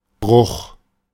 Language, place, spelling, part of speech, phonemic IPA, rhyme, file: German, Berlin, Bruch, noun, /bʁʊx/, -ʊx, De-Bruch.ogg
- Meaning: 1. break, breaking, breach, fracture, rupture 2. fraction 3. fracture (of a bone) 4. hernia 5. hernia: (to) excess, very much 6. ellipsis of Einbruch (“break-in”)